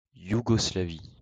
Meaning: Yugoslavia (a former country in Southeastern Europe in the Balkans, now split into 6 countries: Bosnia and Herzegovina, Croatia, North Macedonia, Montenegro, Serbia, and Slovenia)
- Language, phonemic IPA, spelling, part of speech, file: French, /ju.ɡɔ.sla.vi/, Yougoslavie, proper noun, LL-Q150 (fra)-Yougoslavie.wav